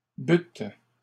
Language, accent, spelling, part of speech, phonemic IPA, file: French, Canada, bûtes, verb, /byt/, LL-Q150 (fra)-bûtes.wav
- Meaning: second-person plural past historic of boire